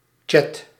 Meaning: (noun) 1. chat (online conversation) 2. chat (online conversation platform); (verb) inflection of chatten: 1. first/second/third-person singular present indicative 2. imperative
- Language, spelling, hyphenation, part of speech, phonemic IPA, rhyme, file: Dutch, chat, chat, noun / verb, /tʃɛt/, -ɛt, Nl-chat.ogg